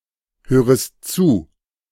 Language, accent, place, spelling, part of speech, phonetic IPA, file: German, Germany, Berlin, hörest zu, verb, [ˌhøːʁəst ˈt͡suː], De-hörest zu.ogg
- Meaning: second-person singular subjunctive I of zuhören